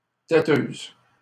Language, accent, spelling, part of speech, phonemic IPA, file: French, Canada, téteuse, noun, /te.tøz/, LL-Q150 (fra)-téteuse.wav
- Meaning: female equivalent of téteux